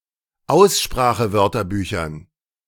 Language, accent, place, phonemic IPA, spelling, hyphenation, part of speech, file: German, Germany, Berlin, /ˈaʊ̯sʃpʁaːxəˌvœʁtɐbyːçɐn/, Aussprachewörterbüchern, Aus‧spra‧che‧wör‧ter‧bü‧chern, noun, De-Aussprachewörterbüchern.ogg
- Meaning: dative plural of Aussprachewörterbuch